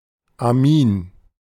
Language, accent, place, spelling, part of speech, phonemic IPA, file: German, Germany, Berlin, Amin, noun, /aˈmiːn/, De-Amin.ogg
- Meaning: amine